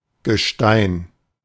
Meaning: rock, mass of stone, especially as part of the crust of the earth
- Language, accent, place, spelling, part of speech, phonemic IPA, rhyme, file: German, Germany, Berlin, Gestein, noun, /ɡəˈʃtaɪ̯n/, -aɪ̯n, De-Gestein.ogg